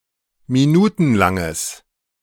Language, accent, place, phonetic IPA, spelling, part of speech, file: German, Germany, Berlin, [miˈnuːtn̩ˌlaŋəs], minutenlanges, adjective, De-minutenlanges.ogg
- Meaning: strong/mixed nominative/accusative neuter singular of minutenlang